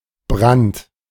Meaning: 1. fire, blaze (destructive occurrence) 2. hell 3. distillation, brandy 4. strong thirst 5. smut (plant disease caused by fungi)
- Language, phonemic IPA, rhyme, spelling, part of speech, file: German, /bʁant/, -ant, Brand, noun, De-Brand.ogg